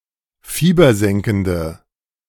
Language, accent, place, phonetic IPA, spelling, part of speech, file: German, Germany, Berlin, [ˈfiːbɐˌzɛŋkn̩də], fiebersenkende, adjective, De-fiebersenkende.ogg
- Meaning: inflection of fiebersenkend: 1. strong/mixed nominative/accusative feminine singular 2. strong nominative/accusative plural 3. weak nominative all-gender singular